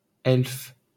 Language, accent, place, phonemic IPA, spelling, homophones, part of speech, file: French, France, Paris, /ɛlf/, elfe, elfes, noun, LL-Q150 (fra)-elfe.wav
- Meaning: 1. elf 2. elve